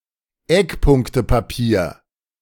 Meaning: 1. white paper 2. key issues paper
- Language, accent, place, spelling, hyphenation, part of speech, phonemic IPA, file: German, Germany, Berlin, Eckpunktepapier, Eck‧punk‧te‧pa‧pier, noun, /ˈɛkˌpʊŋktəpaˌpiːɐ̯/, De-Eckpunktepapier.ogg